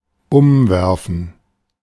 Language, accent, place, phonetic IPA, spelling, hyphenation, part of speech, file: German, Germany, Berlin, [ˈʊmˌvɛʁfn̩], umwerfen, um‧wer‧fen, verb, De-umwerfen.ogg
- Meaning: 1. to knock over 2. to throw someone, to take aback, to stun 3. to change something fundamentally, to overturn, to rethink 4. to throw on